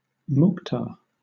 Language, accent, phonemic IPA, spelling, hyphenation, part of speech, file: English, Southern England, /ˈmʊktɑː/, mukhtar, mukh‧tar, noun, LL-Q1860 (eng)-mukhtar.wav
- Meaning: A minor official—usually overseeing a village or town—in many Arab countries and (historical) in the Ottoman Empire and its successor states, including Turkey, Northern Cyprus, and formerly Albania